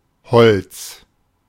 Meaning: 1. wood (material) 2. a particular kind of wood 3. a piece of wood, usually small 4. grove; woods; small forest
- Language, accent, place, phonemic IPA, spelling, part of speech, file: German, Germany, Berlin, /hɔl(t)s/, Holz, noun, De-Holz.ogg